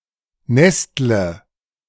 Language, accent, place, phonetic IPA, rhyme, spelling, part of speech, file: German, Germany, Berlin, [ˈnɛstlə], -ɛstlə, nestle, verb, De-nestle.ogg
- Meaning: inflection of nesteln: 1. first-person singular present 2. first/third-person singular subjunctive I 3. singular imperative